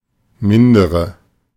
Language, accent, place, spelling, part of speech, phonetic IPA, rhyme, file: German, Germany, Berlin, mindere, adjective / verb, [ˈmɪndəʁə], -ɪndəʁə, De-mindere.ogg
- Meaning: inflection of minder: 1. strong/mixed nominative/accusative feminine singular 2. strong nominative/accusative plural 3. weak nominative all-gender singular 4. weak accusative feminine/neuter singular